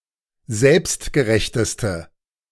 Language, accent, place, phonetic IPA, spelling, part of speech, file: German, Germany, Berlin, [ˈzɛlpstɡəˌʁɛçtəstə], selbstgerechteste, adjective, De-selbstgerechteste.ogg
- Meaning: inflection of selbstgerecht: 1. strong/mixed nominative/accusative feminine singular superlative degree 2. strong nominative/accusative plural superlative degree